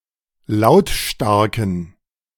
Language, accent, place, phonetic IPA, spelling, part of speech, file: German, Germany, Berlin, [ˈlaʊ̯tˌʃtaʁkn̩], lautstarken, adjective, De-lautstarken.ogg
- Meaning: inflection of lautstark: 1. strong genitive masculine/neuter singular 2. weak/mixed genitive/dative all-gender singular 3. strong/weak/mixed accusative masculine singular 4. strong dative plural